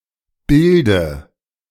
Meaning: inflection of bilden: 1. first-person singular present 2. singular imperative 3. first/third-person singular subjunctive I
- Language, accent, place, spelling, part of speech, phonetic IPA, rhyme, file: German, Germany, Berlin, bilde, verb, [ˈbɪldə], -ɪldə, De-bilde.ogg